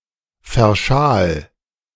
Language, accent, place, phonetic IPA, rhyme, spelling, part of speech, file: German, Germany, Berlin, [fɛɐ̯ˈʃaːl], -aːl, verschal, verb, De-verschal.ogg
- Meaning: 1. singular imperative of verschalen 2. first-person singular present of verschalen